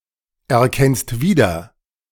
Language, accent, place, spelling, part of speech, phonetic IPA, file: German, Germany, Berlin, erkennst wieder, verb, [ɛɐ̯ˌkɛnst ˈviːdɐ], De-erkennst wieder.ogg
- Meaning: second-person singular present of wiedererkennen